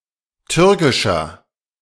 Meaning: inflection of türkisch: 1. strong/mixed nominative masculine singular 2. strong genitive/dative feminine singular 3. strong genitive plural
- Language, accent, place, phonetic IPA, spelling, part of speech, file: German, Germany, Berlin, [ˈtʏʁkɪʃɐ], türkischer, adjective, De-türkischer.ogg